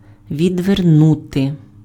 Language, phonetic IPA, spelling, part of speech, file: Ukrainian, [ʋʲidʋerˈnute], відвернути, verb, Uk-відвернути.ogg
- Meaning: 1. to turn away, to turn aside, to avert 2. to divert, to distract 3. to avert, to prevent, to ward off, to fend off 4. to unscrew